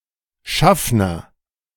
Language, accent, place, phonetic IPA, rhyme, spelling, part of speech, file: German, Germany, Berlin, [ˈʃafnɐ], -afnɐ, Schaffner, noun, De-Schaffner.ogg
- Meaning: conductor (of a bus, tram, train etc)